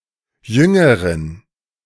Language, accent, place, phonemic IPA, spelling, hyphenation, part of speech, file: German, Germany, Berlin, /ˈjʏŋəʁɪn/, Jüngerin, Jün‧ge‧rin, noun, De-Jüngerin.ogg
- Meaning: female equivalent of Jünger